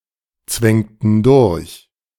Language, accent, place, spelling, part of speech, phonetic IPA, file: German, Germany, Berlin, zwängten durch, verb, [ˌt͡svɛŋtn̩ ˈdʊʁç], De-zwängten durch.ogg
- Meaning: inflection of durchzwängen: 1. first/third-person plural preterite 2. first/third-person plural subjunctive II